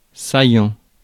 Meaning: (adjective) 1. salient (prominent) 2. non-reflex, measuring 180 degrees or less (angle); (verb) present participle of saillir
- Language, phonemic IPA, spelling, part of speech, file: French, /sa.jɑ̃/, saillant, adjective / verb, Fr-saillant.ogg